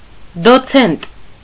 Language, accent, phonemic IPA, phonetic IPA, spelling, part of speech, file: Armenian, Eastern Armenian, /doˈt͡sʰent/, [dot͡sʰént], դոցենտ, noun, Hy-դոցենտ.ogg
- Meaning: docent, reader, associate professor